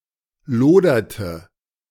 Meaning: inflection of lodern: 1. first/third-person singular preterite 2. first/third-person singular subjunctive II
- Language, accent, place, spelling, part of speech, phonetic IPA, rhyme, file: German, Germany, Berlin, loderte, verb, [ˈloːdɐtə], -oːdɐtə, De-loderte.ogg